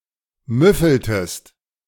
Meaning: inflection of müffeln: 1. second-person singular preterite 2. second-person singular subjunctive II
- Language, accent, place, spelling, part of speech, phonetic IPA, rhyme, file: German, Germany, Berlin, müffeltest, verb, [ˈmʏfl̩təst], -ʏfl̩təst, De-müffeltest.ogg